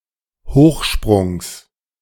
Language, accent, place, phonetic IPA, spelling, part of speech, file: German, Germany, Berlin, [ˈhoːxˌʃpʁʊŋs], Hochsprungs, noun, De-Hochsprungs.ogg
- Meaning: genitive singular of Hochsprung